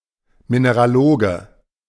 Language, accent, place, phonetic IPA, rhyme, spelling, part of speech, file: German, Germany, Berlin, [minəʁaˈloːɡə], -oːɡə, Mineraloge, noun, De-Mineraloge.ogg
- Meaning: mineralogist (male or of unspecified gender)